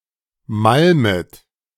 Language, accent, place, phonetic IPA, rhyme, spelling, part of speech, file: German, Germany, Berlin, [ˈmalmət], -almət, malmet, verb, De-malmet.ogg
- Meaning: second-person plural subjunctive I of malmen